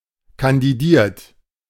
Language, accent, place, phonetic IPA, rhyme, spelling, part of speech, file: German, Germany, Berlin, [kandiˈdiːɐ̯t], -iːɐ̯t, kandidiert, verb, De-kandidiert.ogg
- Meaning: 1. past participle of kandidieren 2. inflection of kandidieren: third-person singular present 3. inflection of kandidieren: second-person plural present 4. inflection of kandidieren: plural imperative